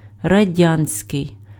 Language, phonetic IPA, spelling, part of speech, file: Ukrainian, [rɐˈdʲanʲsʲkei̯], радянський, adjective, Uk-радянський.ogg
- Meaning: Soviet